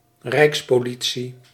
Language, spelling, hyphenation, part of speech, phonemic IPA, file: Dutch, rijkspolitie, rijks‧po‧li‧tie, noun, /ˈrɛi̯ks.poːˌli.(t)si/, Nl-rijkspolitie.ogg
- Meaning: national police, a police branch operating nationally